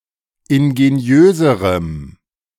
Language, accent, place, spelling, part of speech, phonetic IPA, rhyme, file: German, Germany, Berlin, ingeniöserem, adjective, [ɪnɡeˈni̯øːzəʁəm], -øːzəʁəm, De-ingeniöserem.ogg
- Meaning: strong dative masculine/neuter singular comparative degree of ingeniös